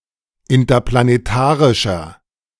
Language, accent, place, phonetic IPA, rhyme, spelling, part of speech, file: German, Germany, Berlin, [ɪntɐplaneˈtaːʁɪʃɐ], -aːʁɪʃɐ, interplanetarischer, adjective, De-interplanetarischer.ogg
- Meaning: inflection of interplanetarisch: 1. strong/mixed nominative masculine singular 2. strong genitive/dative feminine singular 3. strong genitive plural